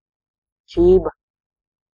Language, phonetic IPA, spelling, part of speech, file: Latvian, [tʃīːba], čība, noun, Lv-čība.ogg
- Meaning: slipper (low, soft shoe easily slipped in and out, intended for indoors use)